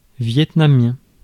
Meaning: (adjective) Vietnamese; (noun) Vietnamese (language)
- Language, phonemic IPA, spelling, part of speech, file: French, /vjɛt.na.mjɛ̃/, vietnamien, adjective / noun, Fr-vietnamien.ogg